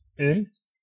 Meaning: 1. beer (liquid) 2. beer (serving of ~)
- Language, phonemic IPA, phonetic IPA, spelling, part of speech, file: Danish, /øl/, [øl], øl, noun, Da-øl.ogg